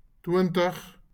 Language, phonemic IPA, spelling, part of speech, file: Afrikaans, /ˈtwəntəχ/, twintig, numeral, LL-Q14196 (afr)-twintig.wav
- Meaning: twenty